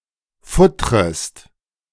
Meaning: second-person singular subjunctive I of futtern
- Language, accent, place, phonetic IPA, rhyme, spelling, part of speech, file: German, Germany, Berlin, [ˈfʊtʁəst], -ʊtʁəst, futtrest, verb, De-futtrest.ogg